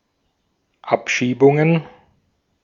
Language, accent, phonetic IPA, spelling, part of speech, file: German, Austria, [ˈapʃiːbʊŋən], Abschiebungen, noun, De-at-Abschiebungen.ogg
- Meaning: plural of Abschiebung